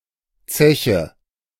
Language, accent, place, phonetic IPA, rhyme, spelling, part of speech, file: German, Germany, Berlin, [ˈt͡sɛçə], -ɛçə, Zeche, noun, De-Zeche.ogg
- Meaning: 1. mine, pit 2. bill